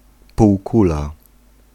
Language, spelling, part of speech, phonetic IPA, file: Polish, półkula, noun, [puwˈkula], Pl-półkula.ogg